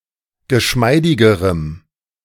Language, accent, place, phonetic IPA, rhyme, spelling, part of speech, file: German, Germany, Berlin, [ɡəˈʃmaɪ̯dɪɡəʁəm], -aɪ̯dɪɡəʁəm, geschmeidigerem, adjective, De-geschmeidigerem.ogg
- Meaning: strong dative masculine/neuter singular comparative degree of geschmeidig